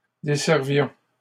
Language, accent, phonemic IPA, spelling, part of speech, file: French, Canada, /de.sɛʁ.vjɔ̃/, desservions, verb, LL-Q150 (fra)-desservions.wav
- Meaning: inflection of desservir: 1. first-person plural imperfect indicative 2. first-person plural present subjunctive